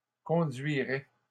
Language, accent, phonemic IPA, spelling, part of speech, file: French, Canada, /kɔ̃.dɥi.ʁɛ/, conduirait, verb, LL-Q150 (fra)-conduirait.wav
- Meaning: third-person singular conditional of conduire